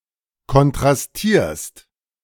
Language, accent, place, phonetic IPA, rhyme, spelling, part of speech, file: German, Germany, Berlin, [kɔntʁasˈtiːɐ̯st], -iːɐ̯st, kontrastierst, verb, De-kontrastierst.ogg
- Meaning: second-person singular present of kontrastieren